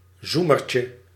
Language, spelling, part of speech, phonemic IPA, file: Dutch, zoemertje, noun, /ˈzumərcə/, Nl-zoemertje.ogg
- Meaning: diminutive of zoemer